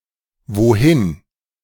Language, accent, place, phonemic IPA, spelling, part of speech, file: German, Germany, Berlin, /voˈhɪn/, wohin, adverb, De-wohin.ogg
- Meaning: where to, whither